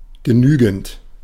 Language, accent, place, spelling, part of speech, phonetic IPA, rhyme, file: German, Germany, Berlin, genügend, adjective / verb, [ɡəˈnyːɡn̩t], -yːɡn̩t, De-genügend.ogg
- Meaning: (verb) present participle of genügen; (adjective) 1. sufficient, ample 2. satisfactory 3. D (grade)